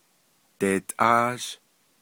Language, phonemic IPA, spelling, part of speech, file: Navajo, /tèːtʼɑ́ːʒ/, deetʼáázh, verb, Nv-deetʼáázh.ogg
- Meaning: first-person duoplural perfective of dighááh